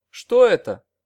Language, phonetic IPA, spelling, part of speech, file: Russian, [ˈʂto ˈɛtə], что это, phrase / adverb, Ru-что это.ogg
- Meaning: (phrase) what's that/this; what is it?; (adverb) why